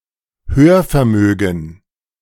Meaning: hearing
- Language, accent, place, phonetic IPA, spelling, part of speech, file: German, Germany, Berlin, [ˈhøːɐ̯fɛɐ̯ˌmøːɡŋ̍], Hörvermögen, noun, De-Hörvermögen.ogg